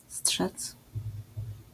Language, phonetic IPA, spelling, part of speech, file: Polish, [sṭʃɛt͡s], strzec, verb, LL-Q809 (pol)-strzec.wav